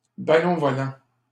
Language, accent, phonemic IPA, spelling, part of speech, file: French, Canada, /ba.lɔ̃.vɔ.lɑ̃/, ballon-volant, noun, LL-Q150 (fra)-ballon-volant.wav
- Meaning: volleyball